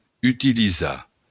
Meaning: to use; to make use of
- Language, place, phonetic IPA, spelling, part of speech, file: Occitan, Béarn, [ytiliˈza], utilizar, verb, LL-Q14185 (oci)-utilizar.wav